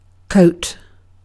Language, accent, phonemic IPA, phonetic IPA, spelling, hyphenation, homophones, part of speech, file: English, UK, /ˈkəʊ̯t/, [ˈkʰəʊ̯t], coat, coat, court, noun / verb, En-uk-coat.ogg
- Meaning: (noun) 1. An outer garment covering the upper torso and arms 2. A covering of material, such as paint 3. The fur or feathers covering an animal's skin